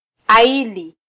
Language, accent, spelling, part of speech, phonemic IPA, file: Swahili, Kenya, aili, verb / noun, /ɑˈi.li/, Sw-ke-aili.flac
- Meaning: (verb) to blame, criticise, accuse; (noun) blame, fault, charge, guilt